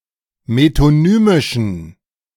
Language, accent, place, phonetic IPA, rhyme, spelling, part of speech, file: German, Germany, Berlin, [metoˈnyːmɪʃn̩], -yːmɪʃn̩, metonymischen, adjective, De-metonymischen.ogg
- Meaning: inflection of metonymisch: 1. strong genitive masculine/neuter singular 2. weak/mixed genitive/dative all-gender singular 3. strong/weak/mixed accusative masculine singular 4. strong dative plural